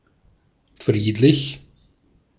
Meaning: peaceful, placid, tranquil
- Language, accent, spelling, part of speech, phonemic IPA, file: German, Austria, friedlich, adjective, /ˈfʁiːtlɪç/, De-at-friedlich.ogg